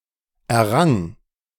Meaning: first/third-person singular preterite of erringen
- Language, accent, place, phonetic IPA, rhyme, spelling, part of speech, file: German, Germany, Berlin, [ɛɐ̯ˈʁaŋ], -aŋ, errang, verb, De-errang.ogg